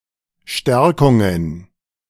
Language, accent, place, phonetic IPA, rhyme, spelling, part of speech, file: German, Germany, Berlin, [ˈʃtɛʁkʊŋən], -ɛʁkʊŋən, Stärkungen, noun, De-Stärkungen.ogg
- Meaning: plural of Stärkung